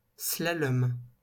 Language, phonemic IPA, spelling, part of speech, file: French, /sla.lɔm/, slalom, noun, LL-Q150 (fra)-slalom.wav
- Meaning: slalom (event in skiing, kayaking or other sports)